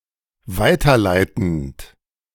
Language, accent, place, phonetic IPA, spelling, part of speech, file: German, Germany, Berlin, [ˈvaɪ̯tɐˌlaɪ̯tn̩t], weiterleitend, verb, De-weiterleitend.ogg
- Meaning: present participle of weiterleiten